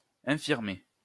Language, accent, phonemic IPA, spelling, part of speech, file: French, France, /ɛ̃.fiʁ.me/, infirmer, verb, LL-Q150 (fra)-infirmer.wav
- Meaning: 1. to weaken, to undermine (a theory, a testimony, etc.) 2. to invalidate